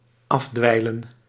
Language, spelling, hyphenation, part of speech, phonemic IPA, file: Dutch, afdweilen, af‧dwei‧len, verb, /ˈɑfˌdʋɛi̯.lə(n)/, Nl-afdweilen.ogg
- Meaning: 1. to clean with a floorcloth 2. to saunter through